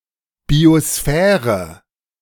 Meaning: biosphere
- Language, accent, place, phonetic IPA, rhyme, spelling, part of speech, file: German, Germany, Berlin, [bioˈsfɛːʁə], -ɛːʁə, Biosphäre, noun, De-Biosphäre.ogg